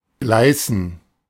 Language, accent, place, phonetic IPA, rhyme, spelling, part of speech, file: German, Germany, Berlin, [ˈɡlaɪ̯sn̩], -aɪ̯sn̩, gleißen, verb, De-gleißen.ogg
- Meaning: to gleam, glisten